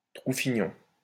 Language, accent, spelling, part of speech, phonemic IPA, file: French, France, troufignon, noun, /tʁu.fi.ɲɔ̃/, LL-Q150 (fra)-troufignon.wav
- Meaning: arsehole; ass